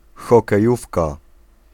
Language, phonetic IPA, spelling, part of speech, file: Polish, [ˌxɔkɛˈjufka], hokejówka, noun, Pl-hokejówka.ogg